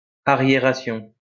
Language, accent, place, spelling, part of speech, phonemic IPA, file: French, France, Lyon, arriération, noun, /a.ʁje.ʁa.sjɔ̃/, LL-Q150 (fra)-arriération.wav
- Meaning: retardation, backwardness